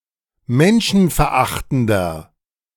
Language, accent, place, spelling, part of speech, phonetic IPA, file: German, Germany, Berlin, menschenverachtender, adjective, [ˈmɛnʃn̩fɛɐ̯ˌʔaxtn̩dɐ], De-menschenverachtender.ogg
- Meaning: 1. comparative degree of menschenverachtend 2. inflection of menschenverachtend: strong/mixed nominative masculine singular